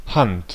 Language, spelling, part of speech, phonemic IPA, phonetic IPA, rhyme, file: German, Hand, noun, /hant/, [hɑnd̥], -ant, De-Hand.ogg
- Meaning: 1. hand 2. handwriting 3. clipping of Handspiel